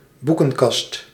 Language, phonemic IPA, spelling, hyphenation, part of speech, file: Dutch, /ˈbu.kə(n)ˌkɑst/, boekenkast, boe‧ken‧kast, noun, Nl-boekenkast.ogg
- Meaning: bookcase